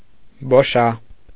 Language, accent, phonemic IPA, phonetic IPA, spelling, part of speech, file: Armenian, Eastern Armenian, /boˈʃɑ/, [boʃɑ́], բոշա, noun, Hy-բոշա.ogg
- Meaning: 1. a member of the Bosha, an Armenian Gypsy : a member of the Lom people 2. beggar 3. bum, hobo, tramp 4. impudent, barefaced person